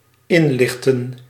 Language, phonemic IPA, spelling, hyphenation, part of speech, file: Dutch, /ˈɪnˌlɪx.tə(n)/, inlichten, in‧lich‧ten, verb, Nl-inlichten.ogg
- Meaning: to inform